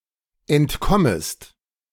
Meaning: second-person singular subjunctive I of entkommen
- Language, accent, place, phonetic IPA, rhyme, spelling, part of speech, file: German, Germany, Berlin, [ɛntˈkɔməst], -ɔməst, entkommest, verb, De-entkommest.ogg